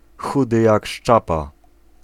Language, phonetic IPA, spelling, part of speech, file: Polish, [ˈxudɨ ˈjak ˈʃt͡ʃapa], chudy jak szczapa, adjectival phrase, Pl-chudy jak szczapa.ogg